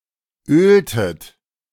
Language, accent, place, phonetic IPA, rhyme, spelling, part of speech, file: German, Germany, Berlin, [ˈøːltət], -øːltət, öltet, verb, De-öltet.ogg
- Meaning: inflection of ölen: 1. second-person plural preterite 2. second-person plural subjunctive II